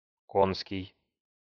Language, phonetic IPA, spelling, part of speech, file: Russian, [ˈkonskʲɪj], конский, adjective, Ru-конский.ogg
- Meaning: horse, equine